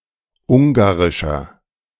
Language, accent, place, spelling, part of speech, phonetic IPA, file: German, Germany, Berlin, ungarischer, adjective, [ˈʊŋɡaʁɪʃɐ], De-ungarischer.ogg
- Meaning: 1. comparative degree of ungarisch 2. inflection of ungarisch: strong/mixed nominative masculine singular 3. inflection of ungarisch: strong genitive/dative feminine singular